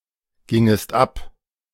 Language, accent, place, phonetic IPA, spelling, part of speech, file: German, Germany, Berlin, [ˌɡɪŋəst ˈap], gingest ab, verb, De-gingest ab.ogg
- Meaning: second-person singular subjunctive II of abgehen